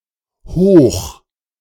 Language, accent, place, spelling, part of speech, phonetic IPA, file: German, Germany, Berlin, hoch-, prefix, [hoːχ], De-hoch-.ogg
- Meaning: A prefix, equivalent high or up